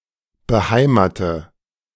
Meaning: inflection of beheimaten: 1. first-person singular present 2. first/third-person singular subjunctive I 3. singular imperative
- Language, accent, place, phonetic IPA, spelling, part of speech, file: German, Germany, Berlin, [bəˈhaɪ̯maːtə], beheimate, verb, De-beheimate.ogg